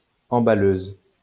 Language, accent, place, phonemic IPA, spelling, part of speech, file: French, France, Lyon, /ɑ̃.ba.løz/, emballeuse, noun, LL-Q150 (fra)-emballeuse.wav
- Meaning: female equivalent of emballeur